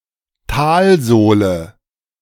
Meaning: 1. bottom 2. trough, bottom of the economic recession, Talsohle der Rezession 3. sole of a valley, bottom of a valley
- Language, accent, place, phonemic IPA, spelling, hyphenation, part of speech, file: German, Germany, Berlin, /ˈtaːlˌzoːlə/, Talsohle, Tal‧soh‧le, noun, De-Talsohle.ogg